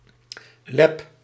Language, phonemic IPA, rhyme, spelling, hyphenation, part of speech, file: Dutch, /lɛp/, -ɛp, leb, leb, noun, Nl-leb.ogg
- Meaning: 1. abomasum 2. rennet